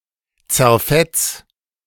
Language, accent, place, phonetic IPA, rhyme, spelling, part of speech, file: German, Germany, Berlin, [t͡sɛɐ̯ˈfɛt͡s], -ɛt͡s, zerfetz, verb, De-zerfetz.ogg
- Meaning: 1. singular imperative of zerfetzen 2. first-person singular present of zerfetzen